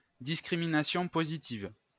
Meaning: reverse discrimination, affirmative action
- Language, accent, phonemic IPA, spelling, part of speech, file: French, France, /dis.kʁi.mi.na.sjɔ̃ po.zi.tiv/, discrimination positive, noun, LL-Q150 (fra)-discrimination positive.wav